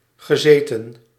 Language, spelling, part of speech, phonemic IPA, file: Dutch, gezeten, verb, /ɣəˈzetə(n)/, Nl-gezeten.ogg
- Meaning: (verb) past participle of zitten; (adjective) sedentary